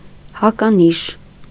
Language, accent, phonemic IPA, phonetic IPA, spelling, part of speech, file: Armenian, Eastern Armenian, /hɑkɑˈniʃ/, [hɑkɑníʃ], հականիշ, noun, Hy-հականիշ.ogg
- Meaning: antonym